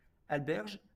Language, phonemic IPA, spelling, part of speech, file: French, /al.bɛʁʒ/, alberge, noun, LL-Q150 (fra)-alberge.wav
- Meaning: a type of peach or apricot whose white flesh adheres to the kernel